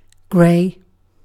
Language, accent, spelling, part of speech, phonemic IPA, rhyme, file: English, UK, grey, adjective / verb / noun, /ɡɹeɪ/, -eɪ, En-uk-grey.ogg
- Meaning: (adjective) 1. Commonwealth standard spelling of gray 2. Synonym of coloured (pertaining to the mixed race of black and white)